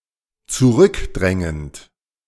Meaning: present participle of zurückdrängen
- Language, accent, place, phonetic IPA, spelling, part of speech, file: German, Germany, Berlin, [t͡suˈʁʏkˌdʁɛŋənt], zurückdrängend, verb, De-zurückdrängend.ogg